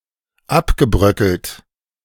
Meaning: past participle of abbröckeln
- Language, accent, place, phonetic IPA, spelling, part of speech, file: German, Germany, Berlin, [ˈapɡəˌbʁœkəlt], abgebröckelt, verb, De-abgebröckelt.ogg